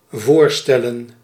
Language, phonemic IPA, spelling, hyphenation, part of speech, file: Dutch, /ˈvoːrˌstɛ.lə(n)/, voorstellen, voor‧stel‧len, verb / noun, Nl-voorstellen.ogg
- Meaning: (verb) 1. to present, to put forth, to introduce 2. to propose, to suggest 3. to imagine 4. to amount to, to matter, to be important 5. to represent, to depict; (noun) plural of voorstel